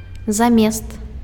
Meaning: in place of, instead of
- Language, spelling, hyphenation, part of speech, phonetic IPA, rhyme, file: Belarusian, замест, за‧мест, preposition, [zaˈmʲest], -est, Be-замест.ogg